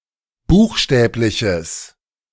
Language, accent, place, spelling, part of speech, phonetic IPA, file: German, Germany, Berlin, buchstäbliches, adjective, [ˈbuːxˌʃtɛːplɪçəs], De-buchstäbliches.ogg
- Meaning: strong/mixed nominative/accusative neuter singular of buchstäblich